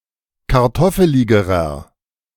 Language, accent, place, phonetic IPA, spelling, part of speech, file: German, Germany, Berlin, [kaʁˈtɔfəlɪɡəʁɐ], kartoffeligerer, adjective, De-kartoffeligerer.ogg
- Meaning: inflection of kartoffelig: 1. strong/mixed nominative masculine singular comparative degree 2. strong genitive/dative feminine singular comparative degree 3. strong genitive plural comparative degree